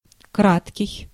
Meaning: 1. brief 2. short
- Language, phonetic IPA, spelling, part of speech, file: Russian, [ˈkratkʲɪj], краткий, adjective, Ru-краткий.ogg